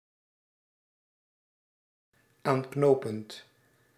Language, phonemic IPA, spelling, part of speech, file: Dutch, /ˈaŋknopənt/, aanknopend, verb, Nl-aanknopend.ogg
- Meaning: present participle of aanknopen